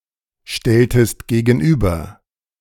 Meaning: inflection of gegenüberstellen: 1. second-person singular preterite 2. second-person singular subjunctive II
- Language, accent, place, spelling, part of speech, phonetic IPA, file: German, Germany, Berlin, stelltest gegenüber, verb, [ˌʃtɛltəst ɡeːɡn̩ˈʔyːbɐ], De-stelltest gegenüber.ogg